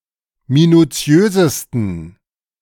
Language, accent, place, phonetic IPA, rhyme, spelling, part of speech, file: German, Germany, Berlin, [minuˈt͡si̯øːzəstn̩], -øːzəstn̩, minutiösesten, adjective, De-minutiösesten.ogg
- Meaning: 1. superlative degree of minutiös 2. inflection of minutiös: strong genitive masculine/neuter singular superlative degree